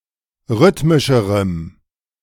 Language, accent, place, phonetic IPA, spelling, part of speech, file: German, Germany, Berlin, [ˈʁʏtmɪʃəʁəm], rhythmischerem, adjective, De-rhythmischerem.ogg
- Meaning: strong dative masculine/neuter singular comparative degree of rhythmisch